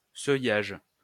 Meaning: thresholding
- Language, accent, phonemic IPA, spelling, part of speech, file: French, France, /sœ.jaʒ/, seuillage, noun, LL-Q150 (fra)-seuillage.wav